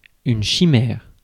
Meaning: 1. chimera (mythical monster) 2. chimera (creature of the imagination) 3. chimera (organism with cells from two zygotes) 4. chimaera (fish)
- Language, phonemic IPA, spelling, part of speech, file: French, /ʃi.mɛʁ/, chimère, noun, Fr-chimère.ogg